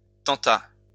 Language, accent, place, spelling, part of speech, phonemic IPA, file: French, France, Lyon, tenta, verb, /tɑ̃.ta/, LL-Q150 (fra)-tenta.wav
- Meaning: third-person singular past historic of tenter